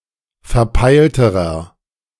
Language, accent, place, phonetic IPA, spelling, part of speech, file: German, Germany, Berlin, [fɛɐ̯ˈpaɪ̯ltəʁɐ], verpeilterer, adjective, De-verpeilterer.ogg
- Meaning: inflection of verpeilt: 1. strong/mixed nominative masculine singular comparative degree 2. strong genitive/dative feminine singular comparative degree 3. strong genitive plural comparative degree